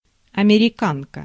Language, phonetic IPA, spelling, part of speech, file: Russian, [ɐmʲɪrʲɪˈkankə], американка, noun, Ru-американка.ogg
- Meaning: 1. female equivalent of америка́нец (amerikánec): American woman or girl 2. а sort of high-wheeled sulky, first presented in Russia in 1889 by American sportsmen